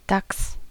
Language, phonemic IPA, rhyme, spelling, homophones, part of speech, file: German, /daks/, -aks, Dachs, DAX, noun, De-Dachs.ogg
- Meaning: badger